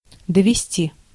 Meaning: to take (to), to carry (as far as, to), to bring (to, as far as)
- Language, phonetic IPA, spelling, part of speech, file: Russian, [dəvʲɪˈsʲtʲi], довезти, verb, Ru-довезти.ogg